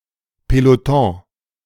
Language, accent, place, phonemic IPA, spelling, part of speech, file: German, Germany, Berlin, /pelotɔ̃/, Peloton, noun, De-Peloton.ogg
- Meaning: 1. peloton (largest group of cyclists in a race) 2. firing squad (group of soldiers detailed to execute someone by shooting) 3. platoon